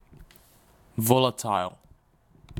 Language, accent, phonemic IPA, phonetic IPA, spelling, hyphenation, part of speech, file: English, UK, /ˈvɒl.əˌtaɪl/, [ˈvɒl.əˌtʰaɪ̯l], volatile, vol‧a‧tile, adjective / noun, En-uk-volatile.wav
- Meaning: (adjective) 1. Evaporating or vaporizing readily under normal conditions 2. Of a substance, explosive 3. Of a price, variable or erratic 4. Of a person, quick to become angry or violent 5. Fickle